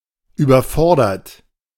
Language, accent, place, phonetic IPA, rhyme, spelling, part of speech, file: German, Germany, Berlin, [yːbɐˈfɔʁdɐt], -ɔʁdɐt, überfordert, verb, De-überfordert.ogg
- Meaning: 1. past participle of überfordern 2. inflection of überfordern: third-person singular present 3. inflection of überfordern: second-person plural present 4. inflection of überfordern: plural imperative